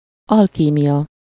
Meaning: alchemy
- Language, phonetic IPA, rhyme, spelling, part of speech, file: Hungarian, [ˈɒlkiːmijɒ], -jɒ, alkímia, noun, Hu-alkímia.ogg